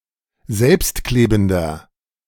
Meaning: inflection of selbstklebend: 1. strong/mixed nominative masculine singular 2. strong genitive/dative feminine singular 3. strong genitive plural
- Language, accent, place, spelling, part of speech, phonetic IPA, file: German, Germany, Berlin, selbstklebender, adjective, [ˈzɛlpstˌkleːbn̩dɐ], De-selbstklebender.ogg